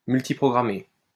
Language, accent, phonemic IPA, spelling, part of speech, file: French, France, /myl.ti.pʁɔ.ɡʁa.me/, multiprogrammer, verb, LL-Q150 (fra)-multiprogrammer.wav
- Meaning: to multiprogram